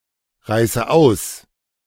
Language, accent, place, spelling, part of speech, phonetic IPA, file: German, Germany, Berlin, reiße aus, verb, [ˌʁaɪ̯sə ˈaʊ̯s], De-reiße aus.ogg
- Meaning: inflection of ausreißen: 1. first-person singular present 2. first/third-person singular subjunctive I 3. singular imperative